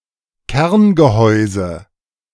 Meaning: core of a fruit such as an apple or pear
- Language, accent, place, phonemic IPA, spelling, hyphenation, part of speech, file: German, Germany, Berlin, /ˈkɛrnɡəˌhɔʏ̯zə/, Kerngehäuse, Kern‧ge‧häu‧se, noun, De-Kerngehäuse.ogg